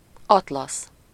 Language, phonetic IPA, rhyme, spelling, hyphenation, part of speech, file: Hungarian, [ˈɒtlɒs], -ɒs, atlasz, at‧lasz, noun, Hu-atlasz.ogg
- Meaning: 1. atlas (bound collection of maps) 2. atlas (bound collection of tables, illustrations etc. on any given subject) 3. atlas (a rich satin fabric) 4. atlas (figure of a man used as a column)